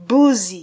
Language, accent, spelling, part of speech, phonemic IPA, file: Swahili, Kenya, buzi, noun, /ˈɓu.zi/, Sw-ke-buzi.flac
- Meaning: 1. augmentative of mbuzi: big goat 2. sugar daddy